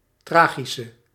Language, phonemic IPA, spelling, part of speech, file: Dutch, /ˈtraːɣisə/, tragische, adjective, Nl-tragische.ogg
- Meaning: inflection of tragisch: 1. masculine/feminine singular attributive 2. definite neuter singular attributive 3. plural attributive